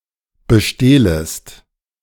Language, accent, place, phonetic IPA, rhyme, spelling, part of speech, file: German, Germany, Berlin, [bəˈʃteːləst], -eːləst, bestehlest, verb, De-bestehlest.ogg
- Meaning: second-person singular subjunctive I of bestehlen